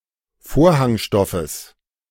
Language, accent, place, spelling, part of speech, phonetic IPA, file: German, Germany, Berlin, Vorhangstoffes, noun, [ˈfoːɐ̯haŋˌʃtɔfəs], De-Vorhangstoffes.ogg
- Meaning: genitive singular of Vorhangstoff